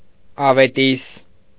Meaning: 1. good news 2. promise of reward
- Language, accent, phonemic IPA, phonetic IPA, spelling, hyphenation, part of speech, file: Armenian, Eastern Armenian, /ɑveˈtis/, [ɑvetís], ավետիս, ա‧վե‧տիս, noun, Hy-ավետիս.ogg